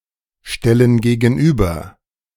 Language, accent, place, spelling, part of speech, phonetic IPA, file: German, Germany, Berlin, stellen gegenüber, verb, [ˌʃtɛlən ɡeːɡn̩ˈʔyːbɐ], De-stellen gegenüber.ogg
- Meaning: inflection of gegenüberstellen: 1. first/third-person plural present 2. first/third-person plural subjunctive I